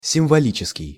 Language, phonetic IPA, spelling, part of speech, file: Russian, [sʲɪmvɐˈlʲit͡ɕɪskʲɪj], символический, adjective, Ru-символический.ogg
- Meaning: symbolic